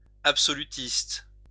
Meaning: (noun) absolutist; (adjective) absolutist, absolutistic (absolutistical)
- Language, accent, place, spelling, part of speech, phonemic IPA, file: French, France, Lyon, absolutiste, noun / adjective, /ap.sɔ.ly.tist/, LL-Q150 (fra)-absolutiste.wav